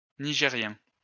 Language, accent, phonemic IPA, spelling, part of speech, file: French, France, /ni.ʒe.ʁjɛ̃/, nigérien, adjective, LL-Q150 (fra)-nigérien.wav
- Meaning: of Niger; Nigerien